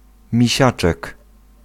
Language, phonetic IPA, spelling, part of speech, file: Polish, [mʲiˈɕat͡ʃɛk], misiaczek, noun, Pl-misiaczek.ogg